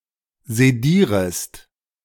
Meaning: second-person singular subjunctive I of sedieren
- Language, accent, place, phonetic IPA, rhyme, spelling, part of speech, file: German, Germany, Berlin, [zeˈdiːʁəst], -iːʁəst, sedierest, verb, De-sedierest.ogg